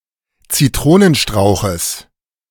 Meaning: genitive singular of Zitronenstrauch
- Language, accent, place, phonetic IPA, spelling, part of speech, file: German, Germany, Berlin, [t͡siˈtʁoːnənˌʃtʁaʊ̯xəs], Zitronenstrauches, noun, De-Zitronenstrauches.ogg